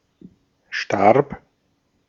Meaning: first/third-person singular preterite of sterben
- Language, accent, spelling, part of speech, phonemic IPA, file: German, Austria, starb, verb, /ʃtarp/, De-at-starb.ogg